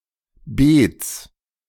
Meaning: genitive singular of Beet
- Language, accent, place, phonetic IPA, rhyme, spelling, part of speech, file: German, Germany, Berlin, [beːt͡s], -eːt͡s, Beets, noun, De-Beets.ogg